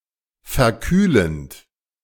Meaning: present participle of verkühlen
- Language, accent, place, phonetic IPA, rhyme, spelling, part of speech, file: German, Germany, Berlin, [fɛɐ̯ˈkyːlənt], -yːlənt, verkühlend, verb, De-verkühlend.ogg